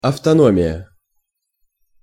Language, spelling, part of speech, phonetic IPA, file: Russian, автономия, noun, [ɐftɐˈnomʲɪjə], Ru-автономия.ogg
- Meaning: autonomy